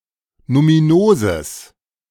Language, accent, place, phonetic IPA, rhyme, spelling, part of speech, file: German, Germany, Berlin, [numiˈnoːzəs], -oːzəs, numinoses, adjective, De-numinoses.ogg
- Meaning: strong/mixed nominative/accusative neuter singular of numinos